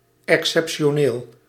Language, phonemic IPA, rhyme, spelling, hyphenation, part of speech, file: Dutch, /ˌɛk.sɛp.ʃoːˈneːl/, -eːl, exceptioneel, ex‧cep‧ti‧o‧neel, adjective, Nl-exceptioneel.ogg
- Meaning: 1. exceptional, as, of or pertaining to an exception 2. exceptional, rare, better than average